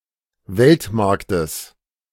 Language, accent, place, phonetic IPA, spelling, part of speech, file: German, Germany, Berlin, [ˈvɛltˌmaʁktəs], Weltmarktes, noun, De-Weltmarktes.ogg
- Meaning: genitive singular of Weltmarkt